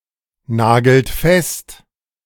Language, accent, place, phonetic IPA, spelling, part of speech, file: German, Germany, Berlin, [ˌnaːɡl̩t ˈfɛst], nagelt fest, verb, De-nagelt fest.ogg
- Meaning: inflection of festnageln: 1. third-person singular present 2. second-person plural present 3. plural imperative